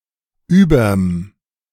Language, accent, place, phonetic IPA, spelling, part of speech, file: German, Germany, Berlin, [ˈyːbɐm], überm, abbreviation, De-überm.ogg
- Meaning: contraction of über + dem